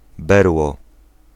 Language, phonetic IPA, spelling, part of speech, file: Polish, [ˈbɛrwɔ], berło, noun, Pl-berło.ogg